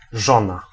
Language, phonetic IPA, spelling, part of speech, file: Polish, [ˈʒɔ̃na], żona, noun, Pl-żona.ogg